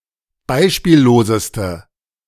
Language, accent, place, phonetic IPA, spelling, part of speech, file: German, Germany, Berlin, [ˈbaɪ̯ʃpiːlloːzəstə], beispielloseste, adjective, De-beispielloseste.ogg
- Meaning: inflection of beispiellos: 1. strong/mixed nominative/accusative feminine singular superlative degree 2. strong nominative/accusative plural superlative degree